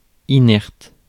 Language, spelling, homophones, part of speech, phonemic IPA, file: French, inerte, inertent / inertes, adjective / verb, /i.nɛʁt/, Fr-inerte.ogg
- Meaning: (adjective) inert, inactive; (verb) inflection of inerter: 1. first/third-person singular present indicative/subjunctive 2. second-person singular imperative